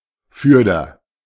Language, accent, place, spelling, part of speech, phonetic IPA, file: German, Germany, Berlin, fürder, adverb, [ˈfʏʁdɐ], De-fürder.ogg
- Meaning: henceforth, in the future